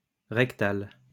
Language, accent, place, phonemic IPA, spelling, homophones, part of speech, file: French, France, Lyon, /ʁɛk.tal/, rectal, rectale / rectales, adjective, LL-Q150 (fra)-rectal.wav
- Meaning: rectal